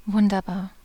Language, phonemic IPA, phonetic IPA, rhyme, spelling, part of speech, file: German, /ˈvʊndəʁˌbaːʁ/, [ˈvʊndɐˌbaːɐ̯], -aːɐ̯, wunderbar, adjective, De-wunderbar.ogg
- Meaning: wonderful